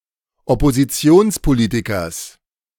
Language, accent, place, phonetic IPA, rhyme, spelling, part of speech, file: German, Germany, Berlin, [ɔpoziˈt͡si̯oːnspoˌliːtɪkɐs], -oːnspoliːtɪkɐs, Oppositionspolitikers, noun, De-Oppositionspolitikers.ogg
- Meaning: genitive singular of Oppositionspolitiker